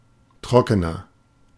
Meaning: inflection of trocken: 1. strong/mixed nominative masculine singular 2. strong genitive/dative feminine singular 3. strong genitive plural
- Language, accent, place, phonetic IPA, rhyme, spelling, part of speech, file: German, Germany, Berlin, [ˈtʁɔkənɐ], -ɔkənɐ, trockener, adjective, De-trockener.ogg